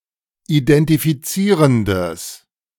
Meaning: strong/mixed nominative/accusative neuter singular of identifizierend
- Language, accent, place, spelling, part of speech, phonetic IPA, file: German, Germany, Berlin, identifizierendes, adjective, [ʔidɛntifiˈtsiːʁəndəs], De-identifizierendes.ogg